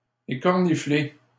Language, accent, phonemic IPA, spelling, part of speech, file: French, Canada, /e.kɔʁ.ni.fle/, écornifler, verb, LL-Q150 (fra)-écornifler.wav
- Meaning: 1. to cadge 2. to importune